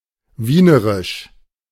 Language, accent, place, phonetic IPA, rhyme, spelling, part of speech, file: German, Germany, Berlin, [ˈviːnəʁɪʃ], -iːnəʁɪʃ, wienerisch, adjective, De-wienerisch.ogg
- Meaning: of Vienna; Viennese